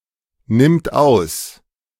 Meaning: third-person singular present of ausnehmen
- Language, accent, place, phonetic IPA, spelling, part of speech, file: German, Germany, Berlin, [ˌnɪmt ˈaʊ̯s], nimmt aus, verb, De-nimmt aus.ogg